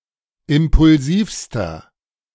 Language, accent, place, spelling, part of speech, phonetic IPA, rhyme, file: German, Germany, Berlin, impulsivster, adjective, [ˌɪmpʊlˈziːfstɐ], -iːfstɐ, De-impulsivster.ogg
- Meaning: inflection of impulsiv: 1. strong/mixed nominative masculine singular superlative degree 2. strong genitive/dative feminine singular superlative degree 3. strong genitive plural superlative degree